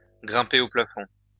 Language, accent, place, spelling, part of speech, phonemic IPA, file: French, France, Lyon, grimper au plafond, verb, /ɡʁɛ̃.pe o pla.fɔ̃/, LL-Q150 (fra)-grimper au plafond.wav
- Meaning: to get one's kicks, to get one's rocks off, to reach seventh heaven (to get a lot of sexual pleasure)